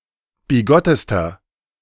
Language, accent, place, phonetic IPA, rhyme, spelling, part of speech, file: German, Germany, Berlin, [biˈɡɔtəstɐ], -ɔtəstɐ, bigottester, adjective, De-bigottester.ogg
- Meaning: inflection of bigott: 1. strong/mixed nominative masculine singular superlative degree 2. strong genitive/dative feminine singular superlative degree 3. strong genitive plural superlative degree